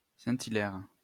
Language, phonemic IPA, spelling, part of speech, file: French, /i.lɛʁ/, Hilaire, proper noun, LL-Q150 (fra)-Hilaire.wav
- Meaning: 1. a male given name from Latin 2. a surname originating as a patronymic